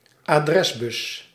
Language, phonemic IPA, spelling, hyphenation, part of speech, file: Dutch, /aːˈdrɛsˌbʏs/, adresbus, adres‧bus, noun, Nl-adresbus.ogg
- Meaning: address bus